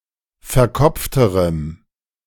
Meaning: strong dative masculine/neuter singular comparative degree of verkopft
- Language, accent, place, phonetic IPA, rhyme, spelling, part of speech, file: German, Germany, Berlin, [fɛɐ̯ˈkɔp͡ftəʁəm], -ɔp͡ftəʁəm, verkopfterem, adjective, De-verkopfterem.ogg